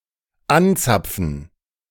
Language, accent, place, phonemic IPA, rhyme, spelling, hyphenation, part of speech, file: German, Germany, Berlin, /ˈanˌt͡sap͡fn̩/, -ap͡fn̩, anzapfen, an‧zap‧fen, verb, De-anzapfen.ogg
- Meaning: to tap into